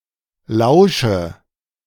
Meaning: inflection of lauschen: 1. first-person singular present 2. first/third-person singular subjunctive I 3. singular imperative
- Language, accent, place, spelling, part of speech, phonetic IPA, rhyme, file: German, Germany, Berlin, lausche, verb, [ˈlaʊ̯ʃə], -aʊ̯ʃə, De-lausche.ogg